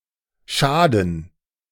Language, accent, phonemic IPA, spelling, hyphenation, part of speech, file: German, Germany, /ˈʃaː.dn̩/, Schaden, Scha‧den, noun, De-Schaden.oga
- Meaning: 1. damage; harm 2. mental problem (in the sense of “crazy”)